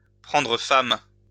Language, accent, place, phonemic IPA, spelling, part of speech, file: French, France, Lyon, /pʁɑ̃.dʁə fɛm/, prendre femme, verb, LL-Q150 (fra)-prendre femme.wav
- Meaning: to take a wife, to get married